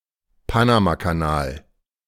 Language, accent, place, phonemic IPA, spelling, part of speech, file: German, Germany, Berlin, /ˈpanamakaˌnaːl/, Panamakanal, proper noun, De-Panamakanal.ogg
- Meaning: Panama Canal (a canal in Panama)